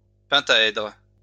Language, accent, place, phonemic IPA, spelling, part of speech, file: French, France, Lyon, /pɛ̃.ta.ɛdʁ/, pentaèdre, noun, LL-Q150 (fra)-pentaèdre.wav
- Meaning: pentahedron